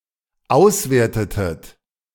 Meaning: inflection of auswerten: 1. second-person plural dependent preterite 2. second-person plural dependent subjunctive II
- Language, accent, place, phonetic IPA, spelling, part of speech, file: German, Germany, Berlin, [ˈaʊ̯sˌveːɐ̯tətət], auswertetet, verb, De-auswertetet.ogg